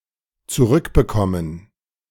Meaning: to get back (to retrieve, to have an item returned)
- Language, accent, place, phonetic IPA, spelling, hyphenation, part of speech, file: German, Germany, Berlin, [t͡suˈʁʏkbəˌkɔmən], zurückbekommen, zu‧rück‧be‧kom‧men, verb, De-zurückbekommen.ogg